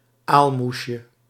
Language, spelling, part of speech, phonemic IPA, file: Dutch, aalmoesje, noun, /ˈalmusjə/, Nl-aalmoesje.ogg
- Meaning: diminutive of aalmoes